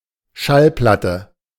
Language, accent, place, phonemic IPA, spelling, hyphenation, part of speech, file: German, Germany, Berlin, /ˈʃalˌplatə/, Schallplatte, Schall‧plat‧te, noun, De-Schallplatte.ogg
- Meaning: record, gramophone record